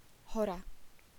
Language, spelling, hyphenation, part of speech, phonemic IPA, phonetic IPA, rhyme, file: Slovak, hora, ho‧ra, noun, /ɦɔra/, [ˈɦɔra], -ɔra, SK-hora.ogg
- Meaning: mountain